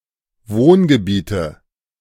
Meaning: nominative/accusative/genitive plural of Wohngebiet
- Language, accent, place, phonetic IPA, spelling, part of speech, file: German, Germany, Berlin, [ˈvoːnɡəˌbiːtə], Wohngebiete, noun, De-Wohngebiete.ogg